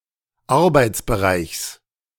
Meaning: genitive singular of Arbeitsbereich
- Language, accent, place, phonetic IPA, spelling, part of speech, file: German, Germany, Berlin, [ˈaʁbaɪ̯t͡sbəˌʁaɪ̯çs], Arbeitsbereichs, noun, De-Arbeitsbereichs.ogg